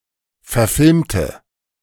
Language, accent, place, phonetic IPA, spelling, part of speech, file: German, Germany, Berlin, [fɛɐ̯ˈfɪlmtə], verfilmte, adjective / verb, De-verfilmte.ogg
- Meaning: inflection of verfilmen: 1. first/third-person singular preterite 2. first/third-person singular subjunctive II